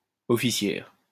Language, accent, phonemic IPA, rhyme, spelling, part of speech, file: French, France, /ɔ.fi.sjɛʁ/, -ɛʁ, officière, noun, LL-Q150 (fra)-officière.wav
- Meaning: female equivalent of officier: female officer